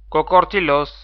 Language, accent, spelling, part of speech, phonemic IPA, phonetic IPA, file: Armenian, Eastern Armenian, կոկորդիլոս, noun, /kokoɾtʰiˈlos/, [kokoɾtʰilós], Hy-ea-կոկորդիլոս.ogg
- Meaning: crocodile